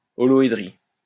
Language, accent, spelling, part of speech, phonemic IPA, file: French, France, holoédrie, noun, /ɔ.lɔ.e.dʁi/, LL-Q150 (fra)-holoédrie.wav
- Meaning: holohedry